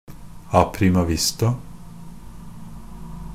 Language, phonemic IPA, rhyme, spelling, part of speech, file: Norwegian Bokmål, /aprɪmaˈvɪsta/, -ɪsta, a prima vista, adverb, NB - Pronunciation of Norwegian Bokmål «a prima vista».ogg
- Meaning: sight-read; to perform a musical piece while reading it for the first time, without rehearsal